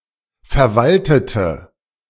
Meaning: inflection of verwalten: 1. first/third-person singular preterite 2. first/third-person singular subjunctive II
- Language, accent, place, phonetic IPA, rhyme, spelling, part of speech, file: German, Germany, Berlin, [fɛɐ̯ˈvaltətə], -altətə, verwaltete, adjective / verb, De-verwaltete.ogg